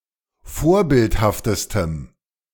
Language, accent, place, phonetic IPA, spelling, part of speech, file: German, Germany, Berlin, [ˈfoːɐ̯ˌbɪlthaftəstəm], vorbildhaftestem, adjective, De-vorbildhaftestem.ogg
- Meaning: strong dative masculine/neuter singular superlative degree of vorbildhaft